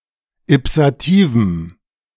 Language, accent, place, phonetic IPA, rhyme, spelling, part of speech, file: German, Germany, Berlin, [ɪpsaˈtiːvm̩], -iːvm̩, ipsativem, adjective, De-ipsativem.ogg
- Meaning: strong dative masculine/neuter singular of ipsativ